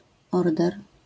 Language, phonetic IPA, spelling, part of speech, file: Polish, [ˈɔrdɛr], order, noun, LL-Q809 (pol)-order.wav